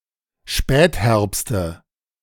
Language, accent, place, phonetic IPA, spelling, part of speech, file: German, Germany, Berlin, [ˈʃpɛːtˌhɛʁpstə], Spätherbste, noun, De-Spätherbste.ogg
- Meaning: nominative/accusative/genitive plural of Spätherbst